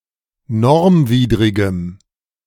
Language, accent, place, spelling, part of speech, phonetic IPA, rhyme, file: German, Germany, Berlin, normwidrigem, adjective, [ˈnɔʁmˌviːdʁɪɡəm], -ɔʁmviːdʁɪɡəm, De-normwidrigem.ogg
- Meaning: strong dative masculine/neuter singular of normwidrig